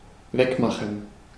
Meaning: 1. to remove (e.g. a stain) 2. to go away; to bugger off 3. to fuck
- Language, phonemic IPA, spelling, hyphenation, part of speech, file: German, /ˈvɛkˌmaχn̩/, wegmachen, weg‧ma‧chen, verb, De-wegmachen.ogg